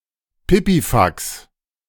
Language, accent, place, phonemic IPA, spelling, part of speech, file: German, Germany, Berlin, /ˈpɪpiˌfaks/, Pipifax, noun, De-Pipifax.ogg
- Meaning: nonsense, tosh